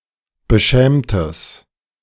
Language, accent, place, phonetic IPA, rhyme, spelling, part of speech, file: German, Germany, Berlin, [bəˈʃɛːmtəs], -ɛːmtəs, beschämtes, adjective, De-beschämtes.ogg
- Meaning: strong/mixed nominative/accusative neuter singular of beschämt